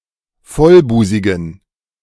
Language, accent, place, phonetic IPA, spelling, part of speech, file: German, Germany, Berlin, [ˈfɔlˌbuːzɪɡn̩], vollbusigen, adjective, De-vollbusigen.ogg
- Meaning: inflection of vollbusig: 1. strong genitive masculine/neuter singular 2. weak/mixed genitive/dative all-gender singular 3. strong/weak/mixed accusative masculine singular 4. strong dative plural